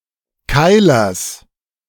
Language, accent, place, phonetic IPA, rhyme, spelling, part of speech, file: German, Germany, Berlin, [ˈkaɪ̯lɐs], -aɪ̯lɐs, Keilers, noun, De-Keilers.ogg
- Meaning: genitive singular of Keiler